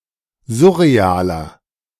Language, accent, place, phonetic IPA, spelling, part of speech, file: German, Germany, Berlin, [ˈzʊʁeˌaːlɐ], surrealer, adjective, De-surrealer.ogg
- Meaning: 1. comparative degree of surreal 2. inflection of surreal: strong/mixed nominative masculine singular 3. inflection of surreal: strong genitive/dative feminine singular